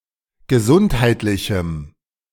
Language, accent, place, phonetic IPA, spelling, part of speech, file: German, Germany, Berlin, [ɡəˈzʊnthaɪ̯tlɪçm̩], gesundheitlichem, adjective, De-gesundheitlichem.ogg
- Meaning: strong dative masculine/neuter singular of gesundheitlich